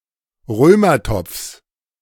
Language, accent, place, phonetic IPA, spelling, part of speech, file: German, Germany, Berlin, [ˈʁøːmɐˌtɔp͡fs], Römertopfs, noun, De-Römertopfs.ogg
- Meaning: genitive of Römertopf